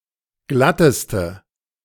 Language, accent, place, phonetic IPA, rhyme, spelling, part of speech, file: German, Germany, Berlin, [ˈɡlatəstə], -atəstə, glatteste, adjective, De-glatteste.ogg
- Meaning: inflection of glatt: 1. strong/mixed nominative/accusative feminine singular superlative degree 2. strong nominative/accusative plural superlative degree